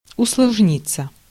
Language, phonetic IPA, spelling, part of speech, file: Russian, [ʊsɫɐʐˈnʲit͡sːə], усложниться, verb, Ru-усложниться.ogg
- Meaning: 1. to become more complex, to become more complicated 2. to become more difficult (e.g. to implement or maintain) 3. passive of усложни́ть (usložnítʹ)